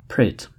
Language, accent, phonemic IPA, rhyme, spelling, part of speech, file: English, US, /pɹeɪt/, -eɪt, prate, noun / verb, En-us-prate.ogg
- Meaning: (noun) Talk to little purpose; trifling talk; unmeaningful loquacity; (verb) To talk much and to little purpose; to be loquacious; to speak foolishly